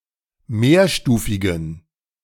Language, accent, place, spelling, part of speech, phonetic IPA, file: German, Germany, Berlin, mehrstufigen, adjective, [ˈmeːɐ̯ˌʃtuːfɪɡn̩], De-mehrstufigen.ogg
- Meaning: inflection of mehrstufig: 1. strong genitive masculine/neuter singular 2. weak/mixed genitive/dative all-gender singular 3. strong/weak/mixed accusative masculine singular 4. strong dative plural